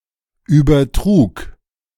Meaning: first/third-person singular preterite of übertragen
- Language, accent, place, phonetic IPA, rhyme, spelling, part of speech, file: German, Germany, Berlin, [ˌyːbɐˈtʁuːk], -uːk, übertrug, verb, De-übertrug.ogg